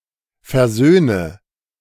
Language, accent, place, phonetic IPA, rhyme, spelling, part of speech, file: German, Germany, Berlin, [fɛɐ̯ˈzøːnə], -øːnə, versöhne, verb, De-versöhne.ogg
- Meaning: inflection of versöhnen: 1. first-person singular present 2. first/third-person singular subjunctive I 3. singular imperative